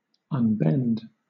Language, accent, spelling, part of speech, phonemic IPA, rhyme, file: English, Southern England, unbend, verb, /ʌnˈbɛnd/, -ɛnd, LL-Q1860 (eng)-unbend.wav
- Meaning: 1. To remove a bend so as to make, or allow to become, straight 2. To release (a load) from a strain or from exertion; to set at ease for a time; to relax